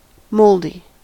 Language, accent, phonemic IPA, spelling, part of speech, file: English, US, /ˈmoʊldi/, moldy, adjective, En-us-moldy.ogg
- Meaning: 1. Covered with mold 2. Stale or musty